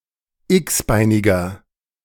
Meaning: inflection of x-beinig: 1. strong/mixed nominative masculine singular 2. strong genitive/dative feminine singular 3. strong genitive plural
- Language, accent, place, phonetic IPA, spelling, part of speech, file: German, Germany, Berlin, [ˈɪksˌbaɪ̯nɪɡɐ], x-beiniger, adjective, De-x-beiniger.ogg